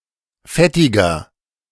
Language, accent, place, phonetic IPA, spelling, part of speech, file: German, Germany, Berlin, [ˈfɛtɪɡɐ], fettiger, adjective, De-fettiger.ogg
- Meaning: inflection of fettig: 1. strong/mixed nominative masculine singular 2. strong genitive/dative feminine singular 3. strong genitive plural